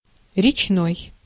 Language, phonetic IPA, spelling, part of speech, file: Russian, [rʲɪt͡ɕˈnoj], речной, adjective, Ru-речной.ogg
- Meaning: river; fluvial, riverine